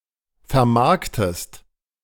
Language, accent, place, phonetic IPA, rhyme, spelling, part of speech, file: German, Germany, Berlin, [fɛɐ̯ˈmaʁktəst], -aʁktəst, vermarktest, verb, De-vermarktest.ogg
- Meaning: inflection of vermarkten: 1. second-person singular present 2. second-person singular subjunctive I